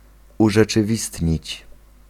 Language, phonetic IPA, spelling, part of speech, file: Polish, [ˌuʒɛt͡ʃɨˈvʲistʲɲit͡ɕ], urzeczywistnić, verb, Pl-urzeczywistnić.ogg